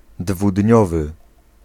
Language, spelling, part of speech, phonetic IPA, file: Polish, dwudniowy, adjective, [dvuˈdʲɲɔvɨ], Pl-dwudniowy.ogg